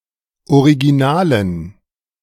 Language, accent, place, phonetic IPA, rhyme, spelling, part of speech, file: German, Germany, Berlin, [oʁiɡiˈnaːlən], -aːlən, originalen, adjective, De-originalen.ogg
- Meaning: inflection of original: 1. strong genitive masculine/neuter singular 2. weak/mixed genitive/dative all-gender singular 3. strong/weak/mixed accusative masculine singular 4. strong dative plural